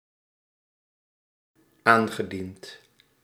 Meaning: past participle of aandienen
- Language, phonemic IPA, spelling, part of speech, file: Dutch, /ˈaŋɣəˌdint/, aangediend, verb, Nl-aangediend.ogg